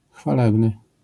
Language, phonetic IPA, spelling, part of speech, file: Polish, [xfaˈlɛbnɨ], chwalebny, adjective, LL-Q809 (pol)-chwalebny.wav